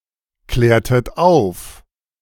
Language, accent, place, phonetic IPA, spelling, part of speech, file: German, Germany, Berlin, [ˌklɛːɐ̯tət ˈaʊ̯f], klärtet auf, verb, De-klärtet auf.ogg
- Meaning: inflection of aufklären: 1. second-person plural preterite 2. second-person plural subjunctive II